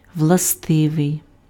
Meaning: inherent
- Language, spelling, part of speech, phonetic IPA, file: Ukrainian, властивий, adjective, [wɫɐˈstɪʋei̯], Uk-властивий.ogg